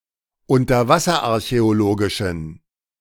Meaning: inflection of unterwasserarchäologisch: 1. strong genitive masculine/neuter singular 2. weak/mixed genitive/dative all-gender singular 3. strong/weak/mixed accusative masculine singular
- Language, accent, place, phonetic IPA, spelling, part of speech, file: German, Germany, Berlin, [ʊntɐˈvasɐʔaʁçɛoˌloːɡɪʃn̩], unterwasserarchäologischen, adjective, De-unterwasserarchäologischen.ogg